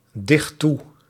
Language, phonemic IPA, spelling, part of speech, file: Dutch, /ˈdɪxt ˈtu/, dicht toe, verb, Nl-dicht toe.ogg
- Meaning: inflection of toedichten: 1. first/second/third-person singular present indicative 2. imperative